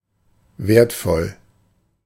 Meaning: valuable
- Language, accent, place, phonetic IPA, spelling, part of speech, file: German, Germany, Berlin, [ˈvɛɐ̯tfɔl], wertvoll, adjective, De-wertvoll.ogg